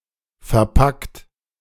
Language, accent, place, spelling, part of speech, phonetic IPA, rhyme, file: German, Germany, Berlin, verpackt, verb, [fɛɐ̯ˈpakt], -akt, De-verpackt.ogg
- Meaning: 1. past participle of verpacken 2. inflection of verpacken: second-person plural present 3. inflection of verpacken: third-person singular present 4. inflection of verpacken: plural imperative